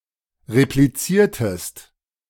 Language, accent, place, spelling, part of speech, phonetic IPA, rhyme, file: German, Germany, Berlin, repliziertest, verb, [ʁepliˈt͡siːɐ̯təst], -iːɐ̯təst, De-repliziertest.ogg
- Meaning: inflection of replizieren: 1. second-person singular preterite 2. second-person singular subjunctive II